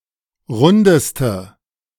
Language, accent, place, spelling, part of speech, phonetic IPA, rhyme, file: German, Germany, Berlin, rundeste, adjective, [ˈʁʊndəstə], -ʊndəstə, De-rundeste.ogg
- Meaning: inflection of rund: 1. strong/mixed nominative/accusative feminine singular superlative degree 2. strong nominative/accusative plural superlative degree